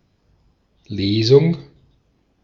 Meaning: 1. reading (incl. poetry, prose, legislative, and liturgical) 2. reading, lection, lesson
- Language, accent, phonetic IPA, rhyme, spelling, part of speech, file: German, Austria, [ˈleːzʊŋ], -eːzʊŋ, Lesung, noun, De-at-Lesung.ogg